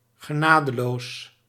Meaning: 1. merciless, ruthless; heartless (of persons) 2. merciless, unforgiving, harsh (of things)
- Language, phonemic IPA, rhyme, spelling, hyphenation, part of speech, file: Dutch, /ɣəˈnaː.dəˌloːs/, -aːdəloːs, genadeloos, ge‧na‧de‧loos, adjective, Nl-genadeloos.ogg